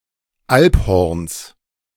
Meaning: genitive singular of Alphorn
- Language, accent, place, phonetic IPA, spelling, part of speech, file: German, Germany, Berlin, [ˈalpˌhɔʁns], Alphorns, noun, De-Alphorns.ogg